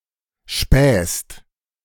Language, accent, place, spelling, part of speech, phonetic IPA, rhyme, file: German, Germany, Berlin, spähst, verb, [ʃpɛːst], -ɛːst, De-spähst.ogg
- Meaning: second-person singular present of spähen